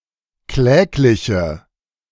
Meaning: inflection of kläglich: 1. strong/mixed nominative/accusative feminine singular 2. strong nominative/accusative plural 3. weak nominative all-gender singular
- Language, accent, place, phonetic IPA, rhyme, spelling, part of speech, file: German, Germany, Berlin, [ˈklɛːklɪçə], -ɛːklɪçə, klägliche, adjective, De-klägliche.ogg